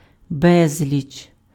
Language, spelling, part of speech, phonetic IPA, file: Ukrainian, безліч, noun, [ˈbɛzʲlʲit͡ʃ], Uk-безліч.ogg
- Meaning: a lot of, multitude, countless number